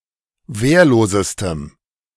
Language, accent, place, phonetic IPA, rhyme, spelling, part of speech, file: German, Germany, Berlin, [ˈveːɐ̯loːzəstəm], -eːɐ̯loːzəstəm, wehrlosestem, adjective, De-wehrlosestem.ogg
- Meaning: strong dative masculine/neuter singular superlative degree of wehrlos